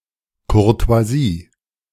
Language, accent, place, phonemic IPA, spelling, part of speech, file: German, Germany, Berlin, /kʊʁto̯aˈziː/, Courtoisie, noun, De-Courtoisie.ogg
- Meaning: courtesy